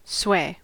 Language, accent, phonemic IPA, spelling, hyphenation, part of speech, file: English, US, /ˈswe̞(ː)/, sway, sway, noun / verb, En-us-sway.ogg
- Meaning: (noun) 1. The act of swaying; a swaying motion; a swing or sweep of a weapon 2. A rocking or swinging motion 3. Influence, weight, or authority that inclines to one side